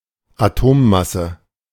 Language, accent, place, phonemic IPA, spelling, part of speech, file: German, Germany, Berlin, /aˈtoːˌmasə/, Atommasse, noun, De-Atommasse.ogg
- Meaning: atomic mass (mass of an atom)